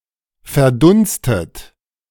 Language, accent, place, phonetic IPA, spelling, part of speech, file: German, Germany, Berlin, [fɛɐ̯ˈdʊnstət], verdunstet, verb, De-verdunstet.ogg
- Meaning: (verb) past participle of verdunsten; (adjective) evaporated